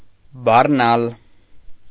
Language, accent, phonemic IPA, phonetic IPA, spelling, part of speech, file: Armenian, Eastern Armenian, /bɑrˈnɑl/, [bɑrnɑ́l], բառնալ, verb, Hy-բառնալ .ogg
- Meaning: 1. to load; to lade, to freight 2. to lift, to raise; to heave 3. to destroy, extinguish